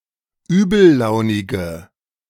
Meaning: inflection of übellaunig: 1. strong/mixed nominative/accusative feminine singular 2. strong nominative/accusative plural 3. weak nominative all-gender singular
- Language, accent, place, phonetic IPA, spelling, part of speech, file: German, Germany, Berlin, [ˈyːbl̩ˌlaʊ̯nɪɡə], übellaunige, adjective, De-übellaunige.ogg